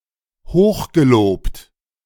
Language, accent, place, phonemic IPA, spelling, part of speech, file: German, Germany, Berlin, /ˈhoːχɡeˌloːpt/, hochgelobt, adjective, De-hochgelobt.ogg
- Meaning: highly praised, highly commended